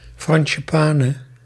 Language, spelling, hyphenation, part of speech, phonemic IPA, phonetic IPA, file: Dutch, franchepane, fran‧che‧pa‧ne, noun, /ˌfrɑn.ʃəˈpaː.nə/, [ˌfrɑ̃ː.ʃəˈpaː.nə], Nl-franchepane.ogg
- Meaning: 1. frangipani (Plumeria rubra) 2. nonsense, malarkey